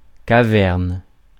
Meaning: cavern
- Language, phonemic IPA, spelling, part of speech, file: French, /ka.vɛʁn/, caverne, noun, Fr-caverne.ogg